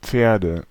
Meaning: nominative/accusative/genitive plural of Pferd
- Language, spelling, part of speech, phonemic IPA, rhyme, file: German, Pferde, noun, /ˈpfeːɐ̯də/, -eːɐ̯də, De-Pferde.ogg